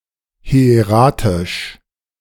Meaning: hieratic
- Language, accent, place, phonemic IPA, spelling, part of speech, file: German, Germany, Berlin, /hɪ̯eˈʁaːtɪʃ/, hieratisch, adjective, De-hieratisch.ogg